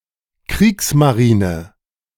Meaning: 1. the German navy between 1935 and 1945, during the Nazi regime 2. the Austro-Hungarian navy between 1867 and 1918
- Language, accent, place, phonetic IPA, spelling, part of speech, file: German, Germany, Berlin, [ˈkʁiːksmaˌʁiːnə], Kriegsmarine, proper noun, De-Kriegsmarine.ogg